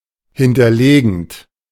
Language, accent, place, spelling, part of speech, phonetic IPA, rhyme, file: German, Germany, Berlin, hinterlegend, verb, [ˌhɪntɐˈleːɡn̩t], -eːɡn̩t, De-hinterlegend.ogg
- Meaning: present participle of hinterlegen